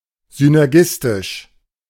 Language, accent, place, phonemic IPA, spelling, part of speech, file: German, Germany, Berlin, /ˌsʏnɛʁˈɡɪstɪʃ/, synergistisch, adjective, De-synergistisch.ogg
- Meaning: synergistic